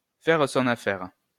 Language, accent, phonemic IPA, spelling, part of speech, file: French, France, /fɛʁ sɔ̃.n‿a.fɛʁ/, faire son affaire, verb, LL-Q150 (fra)-faire son affaire.wav
- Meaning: 1. to assume responsibility 2. to kill 3. to do one's thing: to take a dump or a leak 4. to do one's thing: to dip one's wick; to blow one's load, to dump one's load, to shoot one's wad